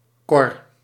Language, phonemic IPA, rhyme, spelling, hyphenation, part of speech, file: Dutch, /kɔr/, -ɔr, kor, kor, noun, Nl-kor.ogg
- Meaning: a trawl, a dragnet used for trawling over or close to the seabed